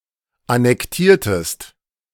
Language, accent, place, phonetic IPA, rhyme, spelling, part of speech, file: German, Germany, Berlin, [anɛkˈtiːɐ̯təst], -iːɐ̯təst, annektiertest, verb, De-annektiertest.ogg
- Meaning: inflection of annektieren: 1. second-person singular preterite 2. second-person singular subjunctive II